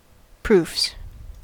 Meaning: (noun) 1. plural of proof 2. Samples of the copy and layout of a printed document for review by the author or a proofreader before mass printing
- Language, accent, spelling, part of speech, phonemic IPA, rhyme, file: English, US, proofs, noun / verb, /pɹuːfs/, -uːfs, En-us-proofs.ogg